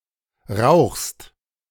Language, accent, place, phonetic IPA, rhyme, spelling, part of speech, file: German, Germany, Berlin, [ʁaʊ̯xst], -aʊ̯xst, rauchst, verb, De-rauchst.ogg
- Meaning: second-person singular present of rauchen